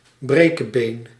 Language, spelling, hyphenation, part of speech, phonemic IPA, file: Dutch, brekebeen, bre‧ke‧been, noun, /ˈbreː.kəˌbeːn/, Nl-brekebeen.ogg
- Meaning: 1. a clumsy or incompetent person 2. a person who broke one of his or her limbs or other bones; often one who habitually breaks one's bones